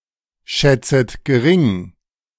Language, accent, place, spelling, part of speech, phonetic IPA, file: German, Germany, Berlin, schätzet gering, verb, [ˌʃɛt͡sət ɡəˈʁɪŋ], De-schätzet gering.ogg
- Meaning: 1. second-person plural subjunctive I of geringschätzen 2. second-person plural subjunctive I of gering schätzen